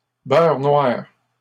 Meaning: melted butter that is cooked over low heat until the milk solids turn a very dark brown; black butter
- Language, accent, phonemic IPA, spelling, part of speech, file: French, Canada, /bœʁ nwaʁ/, beurre noir, noun, LL-Q150 (fra)-beurre noir.wav